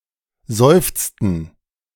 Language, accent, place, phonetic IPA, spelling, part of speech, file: German, Germany, Berlin, [ˈzɔɪ̯ft͡stn̩], seufzten, verb, De-seufzten.ogg
- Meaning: inflection of seufzen: 1. first/third-person plural preterite 2. first/third-person plural subjunctive II